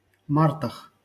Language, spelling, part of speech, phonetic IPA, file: Russian, мартах, noun, [ˈmartəx], LL-Q7737 (rus)-мартах.wav
- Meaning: prepositional plural of март (mart)